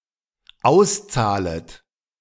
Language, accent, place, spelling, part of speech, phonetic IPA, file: German, Germany, Berlin, auszahlet, verb, [ˈaʊ̯sˌt͡saːlət], De-auszahlet.ogg
- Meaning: second-person plural dependent subjunctive I of auszahlen